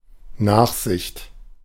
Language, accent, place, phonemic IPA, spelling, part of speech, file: German, Germany, Berlin, /ˈnaχzɪçt/, Nachsicht, noun, De-Nachsicht.ogg
- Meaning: forgiveness, clemency